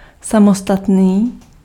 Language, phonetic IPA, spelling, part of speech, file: Czech, [ˈsamostatniː], samostatný, adjective, Cs-samostatný.ogg
- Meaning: 1. stand-alone, standalone 2. independent (of a country)